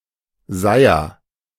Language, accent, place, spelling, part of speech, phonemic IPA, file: German, Germany, Berlin, Seiher, noun, /ˈzaɪ̯ɐ/, De-Seiher.ogg
- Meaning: colander